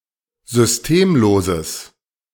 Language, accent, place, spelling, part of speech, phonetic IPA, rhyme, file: German, Germany, Berlin, systemloses, adjective, [zʏsˈteːmˌloːzəs], -eːmloːzəs, De-systemloses.ogg
- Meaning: strong/mixed nominative/accusative neuter singular of systemlos